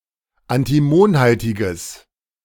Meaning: strong/mixed nominative/accusative neuter singular of antimonhaltig
- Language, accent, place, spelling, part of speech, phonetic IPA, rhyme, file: German, Germany, Berlin, antimonhaltiges, adjective, [antiˈmoːnˌhaltɪɡəs], -oːnhaltɪɡəs, De-antimonhaltiges.ogg